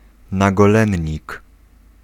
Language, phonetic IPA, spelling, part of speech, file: Polish, [ˌnaɡɔˈlɛ̃ɲːik], nagolennik, noun, Pl-nagolennik.ogg